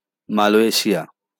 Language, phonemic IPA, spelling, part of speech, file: Bengali, /ma.le.ʃi.a/, মালয়েশিয়া, proper noun, LL-Q9610 (ben)-মালয়েশিয়া.wav
- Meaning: Malaysia (a country in Southeast Asia)